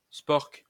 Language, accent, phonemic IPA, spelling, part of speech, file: French, France, /spɔʁk/, spork, noun, LL-Q150 (fra)-spork.wav
- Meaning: spork